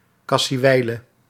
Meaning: dead
- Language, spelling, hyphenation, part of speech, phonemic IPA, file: Dutch, kassiewijle, kas‧sie‧wij‧le, adjective, /ˌkɑ.siˈʋɛi̯.lə/, Nl-kassiewijle.ogg